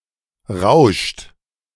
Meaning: inflection of rauschen: 1. third-person singular present 2. second-person plural present 3. plural imperative
- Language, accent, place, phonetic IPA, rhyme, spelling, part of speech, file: German, Germany, Berlin, [ʁaʊ̯ʃt], -aʊ̯ʃt, rauscht, verb, De-rauscht.ogg